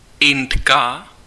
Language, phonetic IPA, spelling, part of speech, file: Czech, [ˈɪntka], Indka, noun, Cs-Indka.ogg
- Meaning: female Indian (a person from India)